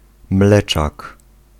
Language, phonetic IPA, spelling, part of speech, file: Polish, [ˈmlɛt͡ʃak], mleczak, noun, Pl-mleczak.ogg